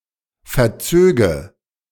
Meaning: first/third-person singular subjunctive II of verziehen
- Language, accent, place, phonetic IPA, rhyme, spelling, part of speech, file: German, Germany, Berlin, [fɛɐ̯ˈt͡søːɡə], -øːɡə, verzöge, verb, De-verzöge.ogg